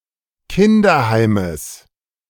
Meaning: genitive singular of Kinderheim
- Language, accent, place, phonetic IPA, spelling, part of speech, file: German, Germany, Berlin, [ˈkɪndɐˌhaɪ̯məs], Kinderheimes, noun, De-Kinderheimes.ogg